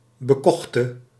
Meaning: singular past subjunctive of bekopen
- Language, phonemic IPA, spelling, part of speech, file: Dutch, /bəˈkɔxtə/, bekochte, adjective / verb, Nl-bekochte.ogg